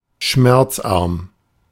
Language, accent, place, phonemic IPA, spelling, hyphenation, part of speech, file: German, Germany, Berlin, /ˈʃmɛʁt͡sˌʔaʁm/, schmerzarm, schmerz‧arm, adjective, De-schmerzarm.ogg
- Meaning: causing little pain